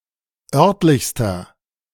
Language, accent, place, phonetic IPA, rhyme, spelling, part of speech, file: German, Germany, Berlin, [ˈœʁtlɪçstɐ], -œʁtlɪçstɐ, örtlichster, adjective, De-örtlichster.ogg
- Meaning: inflection of örtlich: 1. strong/mixed nominative masculine singular superlative degree 2. strong genitive/dative feminine singular superlative degree 3. strong genitive plural superlative degree